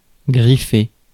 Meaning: to scratch
- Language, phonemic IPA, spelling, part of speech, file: French, /ɡʁi.fe/, griffer, verb, Fr-griffer.ogg